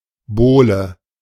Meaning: thick board or plank
- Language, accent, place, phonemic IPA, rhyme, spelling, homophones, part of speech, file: German, Germany, Berlin, /ˈboːlə/, -oːlə, Bohle, Bowle, noun, De-Bohle.ogg